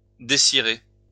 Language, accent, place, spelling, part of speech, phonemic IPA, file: French, France, Lyon, décirer, verb, /de.si.ʁe/, LL-Q150 (fra)-décirer.wav
- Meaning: to take the wax off